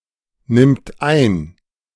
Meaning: third-person singular present of einnehmen
- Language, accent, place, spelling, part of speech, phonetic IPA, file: German, Germany, Berlin, nimmt ein, verb, [ˌnɪmt ˈaɪ̯n], De-nimmt ein.ogg